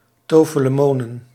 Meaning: plural of tofelemoon
- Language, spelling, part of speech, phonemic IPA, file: Dutch, tofelemonen, noun, /tofələˈmonə(n)/, Nl-tofelemonen.ogg